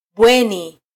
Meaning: dormitory
- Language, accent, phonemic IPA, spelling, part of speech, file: Swahili, Kenya, /ˈɓʷɛ.ni/, bweni, noun, Sw-ke-bweni.flac